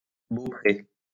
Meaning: bowsprit
- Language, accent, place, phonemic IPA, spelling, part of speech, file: French, France, Lyon, /bo.pʁe/, beaupré, noun, LL-Q150 (fra)-beaupré.wav